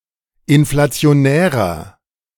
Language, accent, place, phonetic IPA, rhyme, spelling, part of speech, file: German, Germany, Berlin, [ɪnflat͡si̯oˈnɛːʁɐ], -ɛːʁɐ, inflationärer, adjective, De-inflationärer.ogg
- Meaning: 1. comparative degree of inflationär 2. inflection of inflationär: strong/mixed nominative masculine singular 3. inflection of inflationär: strong genitive/dative feminine singular